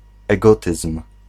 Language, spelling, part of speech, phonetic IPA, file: Polish, egotyzm, noun, [ɛˈɡɔtɨsm̥], Pl-egotyzm.ogg